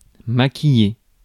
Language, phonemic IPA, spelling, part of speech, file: French, /ma.ki.je/, maquiller, verb, Fr-maquiller.ogg
- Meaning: 1. to disguise, cover or apply makeup (to); to dress up, to embellish 2. to make up (a story, lie, scenario, etc.), to fabricate; to pretend